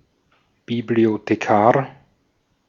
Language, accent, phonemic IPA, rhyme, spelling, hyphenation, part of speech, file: German, Austria, /biblioteˌkaːɐ̯/, -aːɐ̯, Bibliothekar, Bi‧b‧lio‧the‧kar, noun, De-at-Bibliothekar.ogg
- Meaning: librarian (male or of unspecified gender)